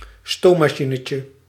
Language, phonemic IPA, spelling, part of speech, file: Dutch, /ˈstomɑˌʃinəcə/, stoommachinetje, noun, Nl-stoommachinetje.ogg
- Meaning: diminutive of stoommachine